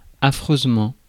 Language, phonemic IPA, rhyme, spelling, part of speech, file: French, /a.fʁøz.mɑ̃/, -ɑ̃, affreusement, adverb, Fr-affreusement.ogg
- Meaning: dreadfully (in a dreadful manner), horribly